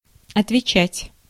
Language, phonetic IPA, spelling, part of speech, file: Russian, [ɐtvʲɪˈt͡ɕætʲ], отвечать, verb, Ru-отвечать.ogg
- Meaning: 1. to answer, to reply 2. to be responsible for, to be accountable for, to be liable for 3. to account for, to answer for 4. to be held to account for, to be called to account for